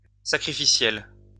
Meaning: sacrificial
- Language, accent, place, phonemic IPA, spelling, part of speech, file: French, France, Lyon, /sa.kʁi.fi.sjɛl/, sacrificiel, adjective, LL-Q150 (fra)-sacrificiel.wav